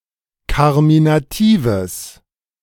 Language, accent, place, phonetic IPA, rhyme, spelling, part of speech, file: German, Germany, Berlin, [ˌkaʁminaˈtiːvəs], -iːvəs, karminatives, adjective, De-karminatives.ogg
- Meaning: strong/mixed nominative/accusative neuter singular of karminativ